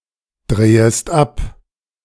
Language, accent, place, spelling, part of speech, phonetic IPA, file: German, Germany, Berlin, drehest ab, verb, [ˌdʁeːəst ˈap], De-drehest ab.ogg
- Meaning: second-person singular subjunctive I of abdrehen